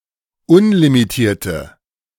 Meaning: inflection of unlimitiert: 1. strong/mixed nominative/accusative feminine singular 2. strong nominative/accusative plural 3. weak nominative all-gender singular
- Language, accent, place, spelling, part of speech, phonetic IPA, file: German, Germany, Berlin, unlimitierte, adjective, [ˈʊnlimiˌtiːɐ̯tə], De-unlimitierte.ogg